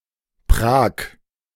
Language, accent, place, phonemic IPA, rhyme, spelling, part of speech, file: German, Germany, Berlin, /pʁaːk/, -aːk, Prag, proper noun, De-Prag.ogg
- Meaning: Prague (the capital city of the Czech Republic)